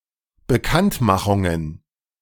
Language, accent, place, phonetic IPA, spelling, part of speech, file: German, Germany, Berlin, [bəˈkantˌmaxʊŋən], Bekanntmachungen, noun, De-Bekanntmachungen.ogg
- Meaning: plural of Bekanntmachung